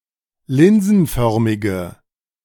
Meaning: inflection of linsenförmig: 1. strong/mixed nominative/accusative feminine singular 2. strong nominative/accusative plural 3. weak nominative all-gender singular
- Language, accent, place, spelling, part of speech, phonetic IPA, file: German, Germany, Berlin, linsenförmige, adjective, [ˈlɪnzn̩ˌfœʁmɪɡə], De-linsenförmige.ogg